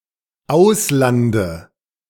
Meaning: dative singular of Ausland
- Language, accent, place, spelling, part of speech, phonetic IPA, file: German, Germany, Berlin, Auslande, noun, [ˈaʊ̯slandə], De-Auslande.ogg